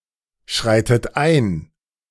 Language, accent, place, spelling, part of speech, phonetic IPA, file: German, Germany, Berlin, schreitet ein, verb, [ˌʃʁaɪ̯tət ˈaɪ̯n], De-schreitet ein.ogg
- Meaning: inflection of einschreiten: 1. third-person singular present 2. second-person plural present 3. second-person plural subjunctive I 4. plural imperative